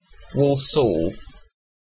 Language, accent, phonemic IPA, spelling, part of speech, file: English, UK, /ˈwɔːlsɔːl/, Walsall, proper noun, En-uk-Walsall.ogg
- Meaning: A town and metropolitan borough in the West Midlands, England (OS grid ref SP0198)